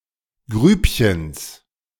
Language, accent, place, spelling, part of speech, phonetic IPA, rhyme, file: German, Germany, Berlin, Grübchens, noun, [ˈɡʁyːpçəns], -yːpçəns, De-Grübchens.ogg
- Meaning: genitive singular of Grübchen